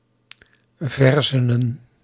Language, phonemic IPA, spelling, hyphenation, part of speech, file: Dutch, /ˈvɛr.zə.nə(n)/, verzenen, ver‧ze‧nen, noun, Nl-verzenen.ogg
- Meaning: plural of verzen